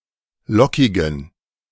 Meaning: inflection of lockig: 1. strong genitive masculine/neuter singular 2. weak/mixed genitive/dative all-gender singular 3. strong/weak/mixed accusative masculine singular 4. strong dative plural
- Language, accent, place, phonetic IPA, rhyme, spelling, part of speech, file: German, Germany, Berlin, [ˈlɔkɪɡn̩], -ɔkɪɡn̩, lockigen, adjective, De-lockigen.ogg